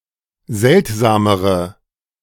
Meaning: inflection of seltsam: 1. strong/mixed nominative/accusative feminine singular comparative degree 2. strong nominative/accusative plural comparative degree
- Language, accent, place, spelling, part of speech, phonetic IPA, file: German, Germany, Berlin, seltsamere, adjective, [ˈzɛltzaːməʁə], De-seltsamere.ogg